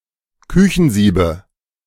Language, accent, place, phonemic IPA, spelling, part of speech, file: German, Germany, Berlin, /ˈkʏçn̩ˌziːbə/, Küchensiebe, noun, De-Küchensiebe.ogg
- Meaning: 1. nominative/accusative/genitive plural of Küchensieb 2. dative singular of Küchensieb